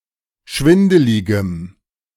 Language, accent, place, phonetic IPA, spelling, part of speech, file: German, Germany, Berlin, [ˈʃvɪndəlɪɡəm], schwindeligem, adjective, De-schwindeligem.ogg
- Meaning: strong dative masculine/neuter singular of schwindelig